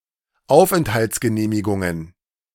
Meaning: plural of Aufenthaltsgenehmigung
- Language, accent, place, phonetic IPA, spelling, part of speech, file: German, Germany, Berlin, [ˈaʊ̯fʔɛnthalt͡sɡəˌneːmɪɡʊŋən], Aufenthaltsgenehmigungen, noun, De-Aufenthaltsgenehmigungen.ogg